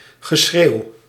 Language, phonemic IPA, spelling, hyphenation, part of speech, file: Dutch, /ɣəˈsxrew/, geschreeuw, ge‧schreeuw, noun, Nl-geschreeuw.ogg
- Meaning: 1. clamor (great outcry or vociferation) 2. holler (any communication to get somebody's attention) 3. din (loud noise)